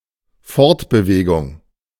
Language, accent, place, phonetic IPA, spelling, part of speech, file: German, Germany, Berlin, [ˈfɔʁtbəˌveːɡʊŋ], Fortbewegung, noun, De-Fortbewegung.ogg
- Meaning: 1. locomotion 2. movement